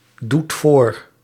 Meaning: inflection of voordoen: 1. second/third-person singular present indicative 2. plural imperative
- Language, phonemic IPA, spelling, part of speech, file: Dutch, /ˈdut ˈvor/, doet voor, verb, Nl-doet voor.ogg